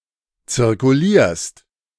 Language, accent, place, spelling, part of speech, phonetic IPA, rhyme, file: German, Germany, Berlin, zirkulierst, verb, [t͡sɪʁkuˈliːɐ̯st], -iːɐ̯st, De-zirkulierst.ogg
- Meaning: second-person singular present of zirkulieren